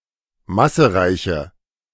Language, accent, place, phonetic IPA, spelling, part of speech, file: German, Germany, Berlin, [ˈmasəˌʁaɪ̯çə], massereiche, adjective, De-massereiche.ogg
- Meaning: inflection of massereich: 1. strong/mixed nominative/accusative feminine singular 2. strong nominative/accusative plural 3. weak nominative all-gender singular